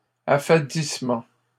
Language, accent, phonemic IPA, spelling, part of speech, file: French, Canada, /a.fa.dis.mɑ̃/, affadissement, noun, LL-Q150 (fra)-affadissement.wav
- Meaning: blandness